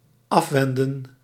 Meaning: 1. to stave off, to avert, to obviate, to prevent 2. to turn away
- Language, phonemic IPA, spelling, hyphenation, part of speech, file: Dutch, /ˈɑfʋɛndə(n)/, afwenden, af‧wen‧den, verb, Nl-afwenden.ogg